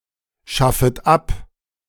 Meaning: second-person plural subjunctive I of abschaffen
- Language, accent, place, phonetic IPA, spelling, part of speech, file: German, Germany, Berlin, [ˌʃafət ˈap], schaffet ab, verb, De-schaffet ab.ogg